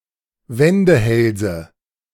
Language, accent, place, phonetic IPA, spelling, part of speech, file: German, Germany, Berlin, [ˈvɛndəˌhɛlzə], Wendehälse, noun, De-Wendehälse.ogg
- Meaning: nominative/accusative/genitive plural of Wendehals